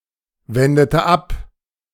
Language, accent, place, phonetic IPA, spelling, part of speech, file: German, Germany, Berlin, [ˌvɛndətə ˈap], wendete ab, verb, De-wendete ab.ogg
- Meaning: inflection of abwenden: 1. first/third-person singular preterite 2. first/third-person singular subjunctive II